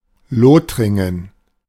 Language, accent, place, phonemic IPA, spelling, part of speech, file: German, Germany, Berlin, /ˈloːtʁɪŋən/, Lothringen, proper noun, De-Lothringen.ogg
- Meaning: Lorraine (a cultural region, former administrative region, and former duchy in eastern France; since 2016 part of the region of Grand Est region)